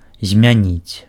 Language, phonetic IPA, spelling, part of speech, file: Belarusian, [zʲmʲaˈnʲit͡sʲ], змяніць, verb, Be-змяніць.ogg
- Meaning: to change